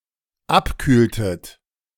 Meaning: inflection of abkühlen: 1. second-person plural dependent preterite 2. second-person plural dependent subjunctive II
- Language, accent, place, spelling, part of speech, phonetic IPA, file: German, Germany, Berlin, abkühltet, verb, [ˈapˌkyːltət], De-abkühltet.ogg